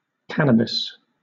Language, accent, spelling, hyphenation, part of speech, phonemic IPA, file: English, Southern England, cannabis, can‧na‧bis, noun, /ˈkæ.nə.bɪs/, LL-Q1860 (eng)-cannabis.wav
- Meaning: A tall annual dioecious plant (Cannabis, especially Cannabis sativa), native to central Asia and having alternate, palmately divided leaves and tough bast fibers